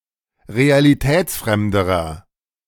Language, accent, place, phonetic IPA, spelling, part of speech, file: German, Germany, Berlin, [ʁealiˈtɛːt͡sˌfʁɛmdəʁɐ], realitätsfremderer, adjective, De-realitätsfremderer.ogg
- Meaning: inflection of realitätsfremd: 1. strong/mixed nominative masculine singular comparative degree 2. strong genitive/dative feminine singular comparative degree